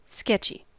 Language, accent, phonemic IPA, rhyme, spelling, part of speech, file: English, US, /ˈskɛt͡ʃi/, -ɛtʃi, sketchy, adjective, En-us-sketchy.ogg
- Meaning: 1. Roughly or hastily laid out; intended for later refinement 2. Not thorough or detailed 3. Resembling a comedy sketch, of sketch quality 4. Of questionable or doubtful quality